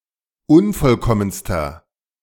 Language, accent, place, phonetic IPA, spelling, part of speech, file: German, Germany, Berlin, [ˈʊnfɔlˌkɔmənstɐ], unvollkommenster, adjective, De-unvollkommenster.ogg
- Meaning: inflection of unvollkommen: 1. strong/mixed nominative masculine singular superlative degree 2. strong genitive/dative feminine singular superlative degree 3. strong genitive plural superlative degree